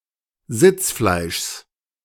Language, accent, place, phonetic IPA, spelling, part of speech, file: German, Germany, Berlin, [ˈzɪt͡sˌflaɪ̯ʃs], Sitzfleischs, noun, De-Sitzfleischs.ogg
- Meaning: genitive of Sitzfleisch